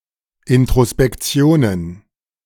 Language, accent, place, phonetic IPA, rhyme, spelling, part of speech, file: German, Germany, Berlin, [ˌɪntʁospɛkˈt͡si̯oːnən], -oːnən, Introspektionen, noun, De-Introspektionen.ogg
- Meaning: plural of Introspektion